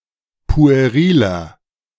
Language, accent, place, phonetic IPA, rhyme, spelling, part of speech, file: German, Germany, Berlin, [pu̯eˈʁiːlɐ], -iːlɐ, pueriler, adjective, De-pueriler.ogg
- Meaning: 1. comparative degree of pueril 2. inflection of pueril: strong/mixed nominative masculine singular 3. inflection of pueril: strong genitive/dative feminine singular